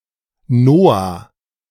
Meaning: 1. Noah (biblical character) 2. a male given name
- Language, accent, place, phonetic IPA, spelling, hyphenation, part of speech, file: German, Germany, Berlin, [ˈnoːaː], Noah, No‧ah, proper noun, De-Noah.ogg